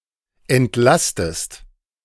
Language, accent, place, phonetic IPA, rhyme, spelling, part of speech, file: German, Germany, Berlin, [ɛntˈlastəst], -astəst, entlastest, verb, De-entlastest.ogg
- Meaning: inflection of entlasten: 1. second-person singular present 2. second-person singular subjunctive I